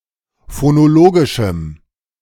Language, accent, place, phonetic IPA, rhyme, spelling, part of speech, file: German, Germany, Berlin, [fonoˈloːɡɪʃm̩], -oːɡɪʃm̩, phonologischem, adjective, De-phonologischem.ogg
- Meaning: strong dative masculine/neuter singular of phonologisch